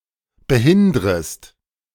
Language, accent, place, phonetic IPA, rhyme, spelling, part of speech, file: German, Germany, Berlin, [bəˈhɪndʁəst], -ɪndʁəst, behindrest, verb, De-behindrest.ogg
- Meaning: second-person singular subjunctive I of behindern